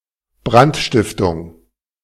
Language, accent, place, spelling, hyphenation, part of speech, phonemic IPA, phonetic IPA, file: German, Germany, Berlin, Brandstiftung, Brand‧stif‧tung, noun, /ˈbrantˌʃtɪftʊŋ/, [ˈbʁan(t)ˌʃtɪf.tʊŋ(k)], De-Brandstiftung.ogg
- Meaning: arson